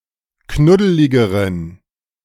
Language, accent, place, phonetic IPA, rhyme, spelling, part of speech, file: German, Germany, Berlin, [ˈknʊdəlɪɡəʁən], -ʊdəlɪɡəʁən, knuddeligeren, adjective, De-knuddeligeren.ogg
- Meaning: inflection of knuddelig: 1. strong genitive masculine/neuter singular comparative degree 2. weak/mixed genitive/dative all-gender singular comparative degree